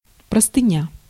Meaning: 1. sheet, bedsheet 2. wall of text
- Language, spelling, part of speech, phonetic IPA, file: Russian, простыня, noun, [prəstɨˈnʲa], Ru-простыня.ogg